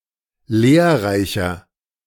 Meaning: 1. comparative degree of lehrreich 2. inflection of lehrreich: strong/mixed nominative masculine singular 3. inflection of lehrreich: strong genitive/dative feminine singular
- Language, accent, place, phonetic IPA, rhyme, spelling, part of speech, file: German, Germany, Berlin, [ˈleːɐ̯ˌʁaɪ̯çɐ], -eːɐ̯ʁaɪ̯çɐ, lehrreicher, adjective, De-lehrreicher.ogg